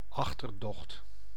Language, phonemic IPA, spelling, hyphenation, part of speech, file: Dutch, /ˈɑx.tərˌdɔxt/, achterdocht, ach‧ter‧docht, noun, Nl-achterdocht.ogg
- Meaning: suspicion, mistrust (being suspicious)